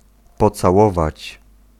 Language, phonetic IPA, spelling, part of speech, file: Polish, [ˌpɔt͡saˈwɔvat͡ɕ], pocałować, verb, Pl-pocałować.ogg